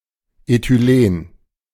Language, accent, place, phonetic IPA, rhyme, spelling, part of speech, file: German, Germany, Berlin, [etyˈleːn], -eːn, Ethylen, noun, De-Ethylen.ogg
- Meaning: ethylene